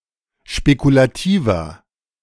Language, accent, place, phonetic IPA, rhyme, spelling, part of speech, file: German, Germany, Berlin, [ʃpekulaˈtiːvɐ], -iːvɐ, spekulativer, adjective, De-spekulativer.ogg
- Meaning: 1. comparative degree of spekulativ 2. inflection of spekulativ: strong/mixed nominative masculine singular 3. inflection of spekulativ: strong genitive/dative feminine singular